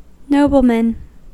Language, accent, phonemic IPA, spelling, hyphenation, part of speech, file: English, US, /ˈnoʊbl̩mən/, nobleman, no‧ble‧man, noun, En-us-nobleman.ogg
- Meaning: A peer; an aristocrat; ranks range from baron to king to emperor